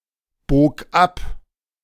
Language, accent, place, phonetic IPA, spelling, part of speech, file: German, Germany, Berlin, [ˌboːk ˈap], bog ab, verb, De-bog ab.ogg
- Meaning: first/third-person singular preterite of abbiegen